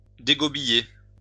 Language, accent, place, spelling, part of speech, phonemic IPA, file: French, France, Lyon, dégobiller, verb, /de.ɡɔ.bi.je/, LL-Q150 (fra)-dégobiller.wav
- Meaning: to throw up, puke